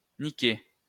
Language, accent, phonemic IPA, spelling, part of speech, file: French, France, /ni.ke/, niquer, verb, LL-Q150 (fra)-niquer.wav
- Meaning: 1. to obtain what was announced on the first throw 2. to fuck, shag, screw 3. to deceive 4. to break, destroy 5. to steal 6. to beat, hit